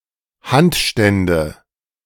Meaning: nominative/accusative/genitive plural of Handstand
- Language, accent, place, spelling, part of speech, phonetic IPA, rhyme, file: German, Germany, Berlin, Handstände, noun, [ˈhantˌʃtɛndə], -antʃtɛndə, De-Handstände.ogg